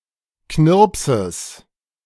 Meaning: genitive singular of Knirps
- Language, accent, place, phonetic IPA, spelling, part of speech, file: German, Germany, Berlin, [ˈknɪʁpsəs], Knirpses, noun, De-Knirpses.ogg